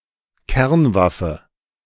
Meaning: nuclear weapon
- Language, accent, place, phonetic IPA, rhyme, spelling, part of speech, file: German, Germany, Berlin, [ˈkɛʁnˌvafə], -ɛʁnvafə, Kernwaffe, noun, De-Kernwaffe.ogg